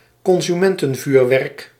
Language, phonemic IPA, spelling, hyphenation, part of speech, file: Dutch, /kɔn.zyˈmɛn.tə(n)ˌvyːr.ʋɛrk/, consumentenvuurwerk, con‧su‧men‧ten‧vuur‧werk, noun, Nl-consumentenvuurwerk.ogg
- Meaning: consumer fireworks (fireworks sold to and used by the general public rather than pyrotechnic experts)